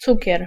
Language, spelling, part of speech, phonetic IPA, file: Polish, cukier, noun, [ˈt͡sucɛr], Pl-cukier.ogg